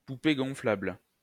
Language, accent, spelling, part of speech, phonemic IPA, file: French, France, poupée gonflable, noun, /pu.pe ɡɔ̃.flabl/, LL-Q150 (fra)-poupée gonflable.wav
- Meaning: blow-up doll, love doll